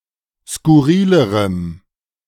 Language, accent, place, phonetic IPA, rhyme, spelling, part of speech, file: German, Germany, Berlin, [skʊˈʁiːləʁəm], -iːləʁəm, skurrilerem, adjective, De-skurrilerem.ogg
- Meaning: strong dative masculine/neuter singular comparative degree of skurril